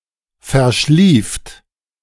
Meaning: second-person plural preterite of verschlafen
- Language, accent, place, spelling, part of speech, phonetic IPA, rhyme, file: German, Germany, Berlin, verschlieft, verb, [fɛɐ̯ˈʃliːft], -iːft, De-verschlieft.ogg